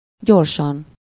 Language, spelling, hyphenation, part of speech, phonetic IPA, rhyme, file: Hungarian, gyorsan, gyor‧san, adverb, [ˈɟorʃɒn], -ɒn, Hu-gyorsan.ogg
- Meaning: quickly, swiftly, fast, rapidly